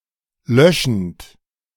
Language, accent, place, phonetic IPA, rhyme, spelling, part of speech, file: German, Germany, Berlin, [ˈlœʃn̩t], -œʃn̩t, löschend, verb, De-löschend.ogg
- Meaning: present participle of löschen